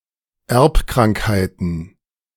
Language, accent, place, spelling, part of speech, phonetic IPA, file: German, Germany, Berlin, Erbkrankheiten, noun, [ˈɛʁpkʁaŋkhaɪ̯tn̩], De-Erbkrankheiten.ogg
- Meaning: plural of Erbkrankheit